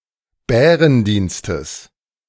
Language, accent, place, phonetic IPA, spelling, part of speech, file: German, Germany, Berlin, [ˈbɛːʁənˌdiːnstəs], Bärendienstes, noun, De-Bärendienstes.ogg
- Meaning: genitive of Bärendienst